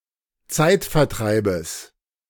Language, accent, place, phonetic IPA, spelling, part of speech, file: German, Germany, Berlin, [ˈt͡saɪ̯tfɛɐ̯ˌtʁaɪ̯bəs], Zeitvertreibes, noun, De-Zeitvertreibes.ogg
- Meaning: genitive of Zeitvertreib